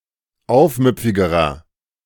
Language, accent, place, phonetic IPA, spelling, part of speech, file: German, Germany, Berlin, [ˈaʊ̯fˌmʏp͡fɪɡəʁɐ], aufmüpfigerer, adjective, De-aufmüpfigerer.ogg
- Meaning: inflection of aufmüpfig: 1. strong/mixed nominative masculine singular comparative degree 2. strong genitive/dative feminine singular comparative degree 3. strong genitive plural comparative degree